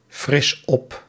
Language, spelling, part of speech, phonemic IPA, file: Dutch, fris op, verb, /ˈfrɪs ˈɔp/, Nl-fris op.ogg
- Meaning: inflection of opfrissen: 1. first-person singular present indicative 2. second-person singular present indicative 3. imperative